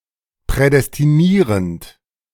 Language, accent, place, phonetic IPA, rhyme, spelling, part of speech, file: German, Germany, Berlin, [pʁɛdɛstiˈniːʁənt], -iːʁənt, prädestinierend, verb, De-prädestinierend.ogg
- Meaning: present participle of prädestinieren